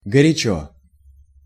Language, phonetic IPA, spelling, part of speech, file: Russian, [ɡərʲɪˈt͡ɕɵ], горячо, adverb / adjective, Ru-горячо.ogg
- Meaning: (adverb) 1. hotly, warmly 2. passionately (in a passionate manner); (adjective) short neuter singular of горя́чий (gorjáčij)